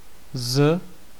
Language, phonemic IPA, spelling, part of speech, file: Czech, /z/, z, preposition, Cs-z.ogg
- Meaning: 1. from 2. out of